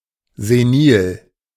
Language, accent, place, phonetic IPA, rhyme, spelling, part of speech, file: German, Germany, Berlin, [zeˈniːl], -iːl, senil, adjective, De-senil.ogg
- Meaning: senile